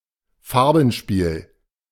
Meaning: play of colors
- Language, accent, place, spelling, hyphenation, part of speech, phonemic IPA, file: German, Germany, Berlin, Farbenspiel, Far‧ben‧spiel, noun, /ˈfaʁbn̩ˌʃpiːl/, De-Farbenspiel.ogg